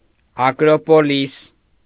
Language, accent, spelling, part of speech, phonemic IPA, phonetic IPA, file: Armenian, Eastern Armenian, ակրոպոլիս, noun, /ɑkɾopoˈlis/, [ɑkɾopolís], Hy-ակրոպոլիս.ogg
- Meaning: acropolis